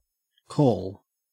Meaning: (verb) To reach out with one's voice.: 1. To request, summon, or beckon 2. To cry or shout 3. To utter in a loud or distinct voice 4. To contact by telephone 5. To rouse from sleep; to awaken
- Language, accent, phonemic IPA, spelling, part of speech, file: English, Australia, /koːl/, call, verb / noun, En-au-call.ogg